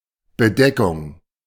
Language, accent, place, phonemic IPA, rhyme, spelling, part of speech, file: German, Germany, Berlin, /bəˈdɛkʊŋ/, -ɛkʊŋ, Bedeckung, noun, De-Bedeckung.ogg
- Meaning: 1. cover 2. cloud cover, nebulosity